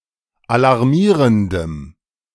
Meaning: strong dative masculine/neuter singular of alarmierend
- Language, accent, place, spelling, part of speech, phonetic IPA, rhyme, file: German, Germany, Berlin, alarmierendem, adjective, [alaʁˈmiːʁəndəm], -iːʁəndəm, De-alarmierendem.ogg